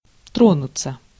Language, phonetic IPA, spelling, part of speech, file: Russian, [ˈtronʊt͡sə], тронуться, verb, Ru-тронуться.ogg
- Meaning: 1. to start (for), to get moving, to be off 2. to go nuts 3. to be touched, to be moved (emotionally)